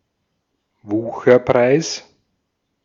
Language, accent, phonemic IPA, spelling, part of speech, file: German, Austria, /ˈvuːxɐˌpʁaɪ̯s/, Wucherpreis, noun, De-at-Wucherpreis.ogg
- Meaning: exorbitant price, extortionate price